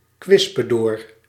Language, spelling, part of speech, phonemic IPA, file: Dutch, kwispedoor, noun, /ˈkʋɪspədoːr/, Nl-kwispedoor.ogg
- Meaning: spittoon (receptacle for spit)